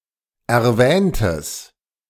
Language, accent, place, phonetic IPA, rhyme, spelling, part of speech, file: German, Germany, Berlin, [ɛɐ̯ˈvɛːntəs], -ɛːntəs, erwähntes, adjective, De-erwähntes.ogg
- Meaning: strong/mixed nominative/accusative neuter singular of erwähnt